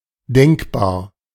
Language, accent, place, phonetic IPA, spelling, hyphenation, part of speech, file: German, Germany, Berlin, [ˈdɛŋkbaːɐ̯], denkbar, denk‧bar, adjective, De-denkbar.ogg
- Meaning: 1. cogitable 2. imaginable 3. thinkable